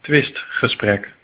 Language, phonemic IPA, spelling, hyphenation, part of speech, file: Dutch, /ˈtʋɪst.xəˌsprɛk/, twistgesprek, twist‧ge‧sprek, noun, Nl-twistgesprek.ogg
- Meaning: a dispute, an argument, a verbal controversy, in particular about political or religious topics